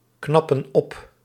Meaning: inflection of opknappen: 1. plural present indicative 2. plural present subjunctive
- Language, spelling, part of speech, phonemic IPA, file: Dutch, knappen op, verb, /ˈknɑpə(n) ˈɔp/, Nl-knappen op.ogg